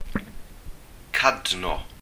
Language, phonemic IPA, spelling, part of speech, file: Welsh, /ˈkadnɔ/, cadno, noun, Cy-cadno.ogg
- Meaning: fox (Vulpes vulpes)